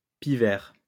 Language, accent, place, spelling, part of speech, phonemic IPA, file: French, France, Lyon, pic-vert, noun, /pi.vɛʁ/, LL-Q150 (fra)-pic-vert.wav
- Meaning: alternative spelling of pivert